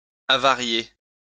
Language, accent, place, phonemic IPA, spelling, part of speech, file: French, France, Lyon, /a.va.ʁje/, avarier, verb, LL-Q150 (fra)-avarier.wav
- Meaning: to go rotten, spoil